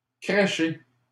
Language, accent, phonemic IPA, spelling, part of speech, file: French, Canada, /kʁe.ʃe/, crécher, verb, LL-Q150 (fra)-crécher.wav
- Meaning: to flop (to stay, sleep or live in a place)